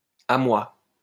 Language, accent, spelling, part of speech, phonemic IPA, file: French, France, à moi, interjection / pronoun, /a mwa/, LL-Q150 (fra)-à moi.wav
- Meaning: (interjection) help! (A cry of distress or an urgent request for assistance); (pronoun) 1. For non-idiomatic uses see à and moi 2. mine (adjectival sense)